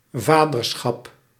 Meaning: fatherhood
- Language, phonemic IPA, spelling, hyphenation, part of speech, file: Dutch, /ˈvadərˌsxɑp/, vaderschap, va‧der‧schap, noun, Nl-vaderschap.ogg